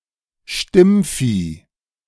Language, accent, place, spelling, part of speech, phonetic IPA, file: German, Germany, Berlin, Stimmvieh, noun, [ˈʃtɪmˌfiː], De-Stimmvieh.ogg
- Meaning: uncritical and easily manipulated voters